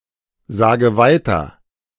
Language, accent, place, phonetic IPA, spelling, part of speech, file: German, Germany, Berlin, [ˌzaːɡə ˈvaɪ̯tɐ], sage weiter, verb, De-sage weiter.ogg
- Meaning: inflection of weitersagen: 1. first-person singular present 2. first/third-person singular subjunctive I 3. singular imperative